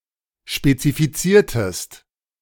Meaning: inflection of spezifizieren: 1. second-person singular preterite 2. second-person singular subjunctive II
- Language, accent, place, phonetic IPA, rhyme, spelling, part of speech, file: German, Germany, Berlin, [ʃpet͡sifiˈt͡siːɐ̯təst], -iːɐ̯təst, spezifiziertest, verb, De-spezifiziertest.ogg